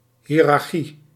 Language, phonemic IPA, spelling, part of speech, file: Dutch, /ɦiːrɑrˈxi/, hiërarchie, noun, Nl-hiërarchie.ogg
- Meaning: hierarchy (body of authoritative officials)